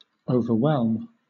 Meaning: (verb) 1. To engulf, surge over and submerge 2. To overpower, crush 3. To overpower emotionally 4. To cause to surround, to cover; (noun) The state or condition of being overwhelmed
- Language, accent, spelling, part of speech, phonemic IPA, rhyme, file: English, Southern England, overwhelm, verb / noun, /ˌəʊ.vəˈ(h)wɛlm/, -ɛlm, LL-Q1860 (eng)-overwhelm.wav